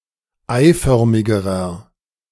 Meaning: inflection of eiförmig: 1. strong/mixed nominative masculine singular comparative degree 2. strong genitive/dative feminine singular comparative degree 3. strong genitive plural comparative degree
- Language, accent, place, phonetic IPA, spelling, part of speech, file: German, Germany, Berlin, [ˈaɪ̯ˌfœʁmɪɡəʁɐ], eiförmigerer, adjective, De-eiförmigerer.ogg